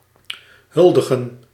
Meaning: to pay homage, honour
- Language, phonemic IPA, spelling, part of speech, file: Dutch, /ˈhʏldəɣə(n)/, huldigen, verb, Nl-huldigen.ogg